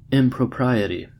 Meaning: 1. The condition of being improper 2. An improper act 3. Improper language
- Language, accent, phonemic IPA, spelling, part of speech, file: English, US, /ˌɪm.pɹəˈpɹaɪ.ɪ.ti/, impropriety, noun, En-us-impropriety.ogg